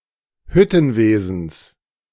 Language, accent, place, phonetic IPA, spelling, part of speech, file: German, Germany, Berlin, [ˈhʏtn̩ˌveːzn̩s], Hüttenwesens, noun, De-Hüttenwesens.ogg
- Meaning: genitive singular of Hüttenwesen